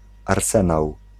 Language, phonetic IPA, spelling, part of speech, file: Polish, [arˈsɛ̃naw], arsenał, noun, Pl-arsenał.ogg